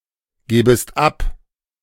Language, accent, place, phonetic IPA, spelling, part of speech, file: German, Germany, Berlin, [ˌɡeːbəst ˈap], gebest ab, verb, De-gebest ab.ogg
- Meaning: second-person singular subjunctive I of abgeben